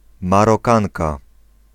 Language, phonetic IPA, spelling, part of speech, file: Polish, [ˌmarɔˈkãŋka], Marokanka, noun, Pl-Marokanka.ogg